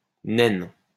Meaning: 1. female equivalent of nain 2. dwarf star
- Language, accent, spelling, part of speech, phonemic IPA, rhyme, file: French, France, naine, noun, /nɛn/, -ɛn, LL-Q150 (fra)-naine.wav